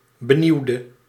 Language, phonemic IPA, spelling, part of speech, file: Dutch, /bəˈniwdə/, benieuwde, verb / adjective / noun, Nl-benieuwde.ogg
- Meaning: inflection of benieuwen: 1. singular past indicative 2. singular past subjunctive